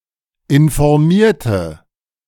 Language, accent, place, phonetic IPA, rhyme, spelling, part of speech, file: German, Germany, Berlin, [ɪnfɔʁˈmiːɐ̯tə], -iːɐ̯tə, informierte, adjective / verb, De-informierte.ogg
- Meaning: inflection of informieren: 1. first/third-person singular preterite 2. first/third-person singular subjunctive II